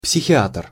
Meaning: psychiatrist
- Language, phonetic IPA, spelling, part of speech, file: Russian, [psʲɪxʲɪˈatr], психиатр, noun, Ru-психиатр.ogg